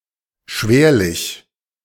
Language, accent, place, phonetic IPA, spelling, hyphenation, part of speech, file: German, Germany, Berlin, [ˈʃveːɐ̯lɪç], schwerlich, schwer‧lich, adverb, De-schwerlich.ogg
- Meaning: hardly